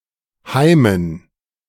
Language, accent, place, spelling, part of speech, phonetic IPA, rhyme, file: German, Germany, Berlin, Heimen, noun, [ˈhaɪ̯mən], -aɪ̯mən, De-Heimen.ogg
- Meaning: dative plural of Heim